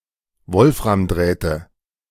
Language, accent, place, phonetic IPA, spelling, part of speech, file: German, Germany, Berlin, [ˈvɔlfʁamˌdʁɛːtə], Wolframdrähte, noun, De-Wolframdrähte.ogg
- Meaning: nominative/accusative/genitive plural of Wolframdraht